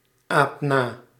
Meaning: inflection of na-apen: 1. first-person singular present indicative 2. second-person singular present indicative 3. imperative
- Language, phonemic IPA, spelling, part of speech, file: Dutch, /ˈap ˈna/, aap na, verb, Nl-aap na.ogg